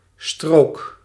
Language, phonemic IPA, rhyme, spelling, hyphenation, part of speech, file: Dutch, /stroːk/, -oːk, strook, strook, noun, Nl-strook.ogg
- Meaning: 1. strip 2. stripe 3. driving lane